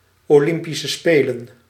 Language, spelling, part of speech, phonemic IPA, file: Dutch, Olympische Spelen, proper noun, /oːˌlɪm.pi.sə ˈspeː.lə(n)/, Nl-Olympische Spelen.ogg
- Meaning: Olympic Games (sport event)